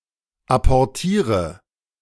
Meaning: inflection of apportieren: 1. first-person singular present 2. singular imperative 3. first/third-person singular subjunctive I
- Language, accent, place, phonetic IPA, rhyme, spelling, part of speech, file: German, Germany, Berlin, [apɔʁˈtiːʁə], -iːʁə, apportiere, verb, De-apportiere.ogg